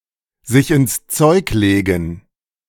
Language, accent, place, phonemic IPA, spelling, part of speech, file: German, Germany, Berlin, /zɪç ɪns t͡sɔɪ̯k leːɡn̩/, sich ins Zeug legen, verb, De-sich ins Zeug legen.ogg
- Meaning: to work hard (at something)